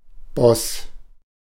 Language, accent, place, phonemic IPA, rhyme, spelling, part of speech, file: German, Germany, Berlin, /bɔs/, -ɔs, Boss, noun, De-Boss.ogg
- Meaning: 1. boss (person in charge, supervisor) 2. boss